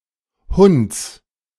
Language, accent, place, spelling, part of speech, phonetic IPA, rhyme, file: German, Germany, Berlin, Hunts, noun, [hʊnt͡s], -ʊnt͡s, De-Hunts.ogg
- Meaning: genitive singular of Hunt